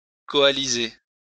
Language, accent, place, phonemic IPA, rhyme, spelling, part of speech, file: French, France, Lyon, /kɔ.a.li.ze/, -e, coaliser, verb, LL-Q150 (fra)-coaliser.wav
- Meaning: 1. to form into a coalition, unite 2. to join forces, coalize, form a coalition